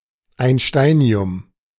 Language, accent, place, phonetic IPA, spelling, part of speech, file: German, Germany, Berlin, [aɪ̯nˈʃtaɪ̯ni̯ʊm], Einsteinium, noun, De-Einsteinium.ogg
- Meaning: einsteinium